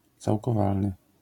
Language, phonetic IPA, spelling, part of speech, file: Polish, [ˌt͡sawkɔˈvalnɨ], całkowalny, adjective, LL-Q809 (pol)-całkowalny.wav